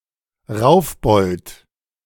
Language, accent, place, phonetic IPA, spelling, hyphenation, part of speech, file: German, Germany, Berlin, [ˈʁaʊ̯fˌbɔlt], Raufbold, Rauf‧bold, noun, De-Raufbold.ogg
- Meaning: brawler